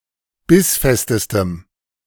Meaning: strong dative masculine/neuter singular superlative degree of bissfest
- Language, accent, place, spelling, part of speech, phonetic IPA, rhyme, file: German, Germany, Berlin, bissfestestem, adjective, [ˈbɪsˌfɛstəstəm], -ɪsfɛstəstəm, De-bissfestestem.ogg